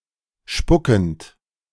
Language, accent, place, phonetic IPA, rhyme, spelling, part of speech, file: German, Germany, Berlin, [ˈʃpʊkn̩t], -ʊkn̩t, spuckend, verb, De-spuckend.ogg
- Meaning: present participle of spucken